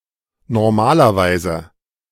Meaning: normally
- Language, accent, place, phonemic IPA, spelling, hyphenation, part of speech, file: German, Germany, Berlin, /nɔʁˈmaːlɐvaɪ̯zə/, normalerweise, nor‧ma‧ler‧wei‧se, adverb, De-normalerweise.ogg